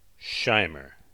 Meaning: A surname from German
- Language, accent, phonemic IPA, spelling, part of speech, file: English, US, /ˈʃaɪməɹ/, Shimer, proper noun, En-us-Shimer.ogg